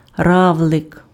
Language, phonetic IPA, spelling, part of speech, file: Ukrainian, [ˈrau̯ɫek], равлик, noun, Uk-равлик.ogg
- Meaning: 1. snail 2. commercial at (@)